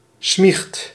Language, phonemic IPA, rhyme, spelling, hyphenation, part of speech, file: Dutch, /smixt/, -ixt, smiecht, smiecht, noun, Nl-smiecht.ogg
- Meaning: a rat, sneak, bastard